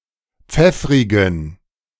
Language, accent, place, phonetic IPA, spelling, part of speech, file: German, Germany, Berlin, [ˈp͡fɛfʁɪɡn̩], pfeffrigen, adjective, De-pfeffrigen.ogg
- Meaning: inflection of pfeffrig: 1. strong genitive masculine/neuter singular 2. weak/mixed genitive/dative all-gender singular 3. strong/weak/mixed accusative masculine singular 4. strong dative plural